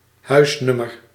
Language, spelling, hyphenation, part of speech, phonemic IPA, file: Dutch, huisnummer, huis‧num‧mer, noun, /ˈɦœy̯sˌnʏ.mər/, Nl-huisnummer.ogg
- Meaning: house number